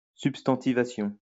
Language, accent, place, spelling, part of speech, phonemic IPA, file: French, France, Lyon, substantivation, noun, /syp.stɑ̃.ti.va.sjɔ̃/, LL-Q150 (fra)-substantivation.wav
- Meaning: substantivization, nominalization